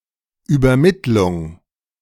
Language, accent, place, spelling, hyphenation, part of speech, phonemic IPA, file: German, Germany, Berlin, Übermittlung, Über‧mitt‧lung, noun, /yːbɐˈmɪtlʊŋ/, De-Übermittlung.ogg
- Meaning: transmission, transfer